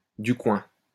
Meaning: 1. local, from the neighbourhood, just down the street, just around the corner 2. local, from around somewhere
- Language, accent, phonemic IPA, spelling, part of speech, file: French, France, /dy kwɛ̃/, du coin, adjective, LL-Q150 (fra)-du coin.wav